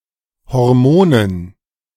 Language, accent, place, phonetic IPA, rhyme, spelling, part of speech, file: German, Germany, Berlin, [hɔʁˈmoːnən], -oːnən, Hormonen, noun, De-Hormonen.ogg
- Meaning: dative plural of Hormon